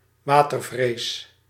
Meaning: 1. hydrophobia, aquaphobia, fear of water 2. rabies
- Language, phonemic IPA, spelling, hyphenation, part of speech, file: Dutch, /ˈʋaː.tərˌvreːs/, watervrees, wa‧ter‧vrees, noun, Nl-watervrees.ogg